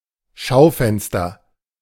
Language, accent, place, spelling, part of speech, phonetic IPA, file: German, Germany, Berlin, Schaufenster, noun, [ˈʃaʊ̯ˌfɛnstɐ], De-Schaufenster.ogg
- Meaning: shop window